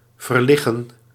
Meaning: 1. to shift the body's position while lying 2. to lie elsewhere, to reposition
- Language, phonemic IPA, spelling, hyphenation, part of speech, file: Dutch, /vərˈlɪ.ɣə(n)/, verliggen, ver‧lig‧gen, verb, Nl-verliggen.ogg